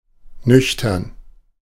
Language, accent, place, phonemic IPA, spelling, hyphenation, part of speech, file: German, Germany, Berlin, /ˈnʏçtɐn/, nüchtern, nüch‧tern, adjective, De-nüchtern.ogg
- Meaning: 1. sober (not drunk; serious, not playful or passionate) 2. on an empty stomach 3. matter-of-fact, unemotional